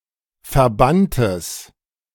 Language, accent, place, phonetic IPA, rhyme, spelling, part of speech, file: German, Germany, Berlin, [fɛɐ̯ˈbantəs], -antəs, verbanntes, adjective, De-verbanntes.ogg
- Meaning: strong/mixed nominative/accusative neuter singular of verbannt